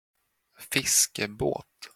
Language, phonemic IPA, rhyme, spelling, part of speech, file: Swedish, /²fɪskɛˌboːt/, -oːt, fiskebåt, noun, Sv-fiskebåt.flac
- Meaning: a fishing boat